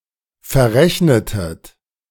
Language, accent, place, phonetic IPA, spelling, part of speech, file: German, Germany, Berlin, [fɛɐ̯ˈʁɛçnətət], verrechnetet, verb, De-verrechnetet.ogg
- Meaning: inflection of verrechnen: 1. second-person plural preterite 2. second-person plural subjunctive II